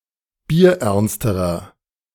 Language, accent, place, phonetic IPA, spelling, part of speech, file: German, Germany, Berlin, [biːɐ̯ˈʔɛʁnstəʁɐ], bierernsterer, adjective, De-bierernsterer.ogg
- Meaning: inflection of bierernst: 1. strong/mixed nominative masculine singular comparative degree 2. strong genitive/dative feminine singular comparative degree 3. strong genitive plural comparative degree